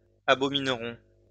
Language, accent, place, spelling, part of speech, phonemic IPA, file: French, France, Lyon, abominerons, verb, /a.bɔ.min.ʁɔ̃/, LL-Q150 (fra)-abominerons.wav
- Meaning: first-person plural simple future of abominer